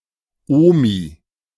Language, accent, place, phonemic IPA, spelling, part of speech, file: German, Germany, Berlin, /ˈoːmi/, Omi, noun, De-Omi.ogg
- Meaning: grandma, granny, nan